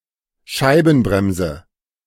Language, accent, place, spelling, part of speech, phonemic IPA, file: German, Germany, Berlin, Scheibenbremse, noun, /ˈʃaɪ̯bn̩ˌbʁɛmzə/, De-Scheibenbremse.ogg
- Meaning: disc brake